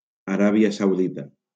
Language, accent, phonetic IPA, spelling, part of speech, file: Catalan, Valencia, [aˈɾa.bi.a sawˈði.ta], Aràbia Saudita, proper noun, LL-Q7026 (cat)-Aràbia Saudita.wav
- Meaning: Saudi Arabia (a country in West Asia in the Middle East)